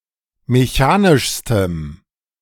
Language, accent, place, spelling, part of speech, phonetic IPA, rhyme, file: German, Germany, Berlin, mechanischstem, adjective, [meˈçaːnɪʃstəm], -aːnɪʃstəm, De-mechanischstem.ogg
- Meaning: strong dative masculine/neuter singular superlative degree of mechanisch